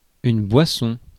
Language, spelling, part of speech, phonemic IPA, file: French, boisson, noun, /bwa.sɔ̃/, Fr-boisson.ogg
- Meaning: 1. act of drinking, consumption of a liquid 2. drinking (the activity of consuming alcoholic beverages) 3. drink (consumable liquid) 4. drink (a serving of drink)